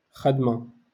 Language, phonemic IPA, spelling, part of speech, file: Moroccan Arabic, /xad.ma/, خدمة, noun, LL-Q56426 (ary)-خدمة.wav
- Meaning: work, job